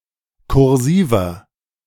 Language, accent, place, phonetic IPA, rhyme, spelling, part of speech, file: German, Germany, Berlin, [kʊʁˈziːvɐ], -iːvɐ, kursiver, adjective, De-kursiver.ogg
- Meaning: inflection of kursiv: 1. strong/mixed nominative masculine singular 2. strong genitive/dative feminine singular 3. strong genitive plural